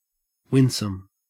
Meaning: Charming, engaging, winning; inspiring approval and trust, especially if in an innocent manner
- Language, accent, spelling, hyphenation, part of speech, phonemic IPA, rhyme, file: English, Australia, winsome, win‧some, adjective, /ˈwɪn.səm/, -ɪnsəm, En-au-winsome.ogg